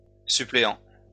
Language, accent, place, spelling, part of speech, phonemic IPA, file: French, France, Lyon, suppléant, verb / adjective / noun, /sy.ple.ɑ̃/, LL-Q150 (fra)-suppléant.wav
- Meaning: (verb) present participle of suppléer; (adjective) acting, substitute; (noun) substitute, replacement